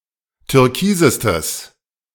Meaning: strong/mixed nominative/accusative neuter singular superlative degree of türkis
- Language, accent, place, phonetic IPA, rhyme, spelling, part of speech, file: German, Germany, Berlin, [tʏʁˈkiːzəstəs], -iːzəstəs, türkisestes, adjective, De-türkisestes.ogg